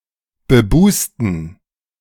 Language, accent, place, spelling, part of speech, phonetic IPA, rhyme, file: German, Germany, Berlin, bebusten, adjective, [bəˈbuːstn̩], -uːstn̩, De-bebusten.ogg
- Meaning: inflection of bebust: 1. strong genitive masculine/neuter singular 2. weak/mixed genitive/dative all-gender singular 3. strong/weak/mixed accusative masculine singular 4. strong dative plural